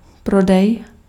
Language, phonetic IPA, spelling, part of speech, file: Czech, [ˈprodɛj], prodej, noun / verb, Cs-prodej.ogg
- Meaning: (noun) sale; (verb) second-person singular imperative of prodat